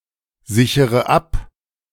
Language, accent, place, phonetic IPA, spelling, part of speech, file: German, Germany, Berlin, [ˌzɪçəʁə ˈap], sichere ab, verb, De-sichere ab.ogg
- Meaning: inflection of absichern: 1. first-person singular present 2. first-person plural subjunctive I 3. third-person singular subjunctive I 4. singular imperative